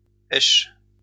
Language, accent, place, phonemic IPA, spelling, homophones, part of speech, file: French, France, Lyon, /ɛʃ/, esche, aiche / aiches / èche / èches / eschent / esches, noun / verb, LL-Q150 (fra)-esche.wav
- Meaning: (noun) bait; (verb) inflection of escher: 1. first/third-person singular present indicative/subjunctive 2. second-person singular imperative